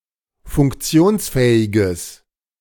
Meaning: strong/mixed nominative/accusative neuter singular of funktionsfähig
- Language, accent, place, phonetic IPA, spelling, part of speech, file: German, Germany, Berlin, [fʊŋkˈt͡si̯oːnsˌfɛːɪɡəs], funktionsfähiges, adjective, De-funktionsfähiges.ogg